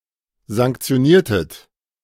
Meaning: inflection of sanktionieren: 1. second-person plural preterite 2. second-person plural subjunctive II
- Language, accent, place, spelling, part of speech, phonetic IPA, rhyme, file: German, Germany, Berlin, sanktioniertet, verb, [zaŋkt͡si̯oˈniːɐ̯tət], -iːɐ̯tət, De-sanktioniertet.ogg